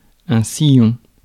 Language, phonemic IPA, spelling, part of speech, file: French, /si.jɔ̃/, sillon, noun, Fr-sillon.ogg
- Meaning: 1. furrow 2. groove, fissure 3. corridor